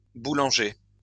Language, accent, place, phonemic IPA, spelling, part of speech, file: French, France, Lyon, /bu.lɑ̃.ʒe/, boulangers, noun, LL-Q150 (fra)-boulangers.wav
- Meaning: plural of boulanger